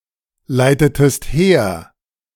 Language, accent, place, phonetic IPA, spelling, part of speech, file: German, Germany, Berlin, [ˌlaɪ̯tətəst ˈheːɐ̯], leitetest her, verb, De-leitetest her.ogg
- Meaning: inflection of herleiten: 1. second-person singular preterite 2. second-person singular subjunctive II